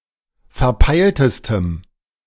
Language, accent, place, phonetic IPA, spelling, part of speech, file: German, Germany, Berlin, [fɛɐ̯ˈpaɪ̯ltəstəm], verpeiltestem, adjective, De-verpeiltestem.ogg
- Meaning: strong dative masculine/neuter singular superlative degree of verpeilt